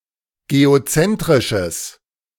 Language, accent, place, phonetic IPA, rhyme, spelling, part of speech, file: German, Germany, Berlin, [ɡeoˈt͡sɛntʁɪʃəs], -ɛntʁɪʃəs, geozentrisches, adjective, De-geozentrisches.ogg
- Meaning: strong/mixed nominative/accusative neuter singular of geozentrisch